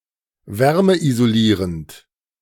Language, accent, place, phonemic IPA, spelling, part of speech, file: German, Germany, Berlin, /ˈvɛʁməʔizoˌliːʁənt/, wärmeisolierend, adjective, De-wärmeisolierend.ogg
- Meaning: heat-insulating